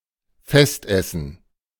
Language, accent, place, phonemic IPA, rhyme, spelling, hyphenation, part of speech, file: German, Germany, Berlin, /ˈfɛstˌʔɛsn̩/, -ɛsn̩, Festessen, Fest‧es‧sen, noun, De-Festessen.ogg
- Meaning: feast, banquet